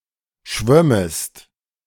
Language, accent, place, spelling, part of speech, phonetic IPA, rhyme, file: German, Germany, Berlin, schwömmest, verb, [ˈʃvœməst], -œməst, De-schwömmest.ogg
- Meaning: second-person singular subjunctive II of schwimmen